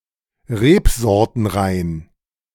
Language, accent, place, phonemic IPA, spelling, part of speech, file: German, Germany, Berlin, /ˈʁeːpzɔʁtənˌʁaɪ̯n/, rebsortenrein, adjective, De-rebsortenrein.ogg
- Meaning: monovarietal